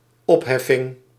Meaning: 1. lifting (usually of the human body) 2. lifting, abolition; abolishment 3. closure (of an account) 4. dissolution (of a political party, association sim.)
- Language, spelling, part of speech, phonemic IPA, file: Dutch, opheffing, noun, /ˈɔphɛfɪŋ/, Nl-opheffing.ogg